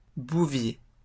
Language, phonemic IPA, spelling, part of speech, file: French, /bu.vje/, bouvier, noun, LL-Q150 (fra)-bouvier.wav
- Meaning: 1. drover (person who drives cattle over long distances) 2. herdsman, cattleman (man who raises or tends cattle) 3. cattle dog (type of dog used for droving cattle)